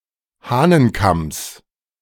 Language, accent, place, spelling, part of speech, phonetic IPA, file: German, Germany, Berlin, Hahnenkamms, noun, [ˈhaːnənˌkams], De-Hahnenkamms.ogg
- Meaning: genitive of Hahnenkamm